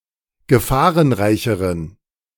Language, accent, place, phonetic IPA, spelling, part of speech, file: German, Germany, Berlin, [ɡəˈfaːʁənˌʁaɪ̯çəʁən], gefahrenreicheren, adjective, De-gefahrenreicheren.ogg
- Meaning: inflection of gefahrenreich: 1. strong genitive masculine/neuter singular comparative degree 2. weak/mixed genitive/dative all-gender singular comparative degree